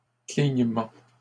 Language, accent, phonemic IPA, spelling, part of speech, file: French, Canada, /kliɲ.mɑ̃/, clignements, noun, LL-Q150 (fra)-clignements.wav
- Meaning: plural of clignement